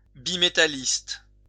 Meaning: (adjective) bimetallist
- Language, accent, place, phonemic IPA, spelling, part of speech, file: French, France, Lyon, /bi.me.ta.list/, bimétalliste, adjective / noun, LL-Q150 (fra)-bimétalliste.wav